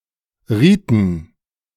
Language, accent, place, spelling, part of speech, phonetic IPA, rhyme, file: German, Germany, Berlin, rieten, verb, [ˈʁiːtn̩], -iːtn̩, De-rieten.ogg
- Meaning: inflection of raten: 1. first/third-person plural preterite 2. first/third-person plural subjunctive II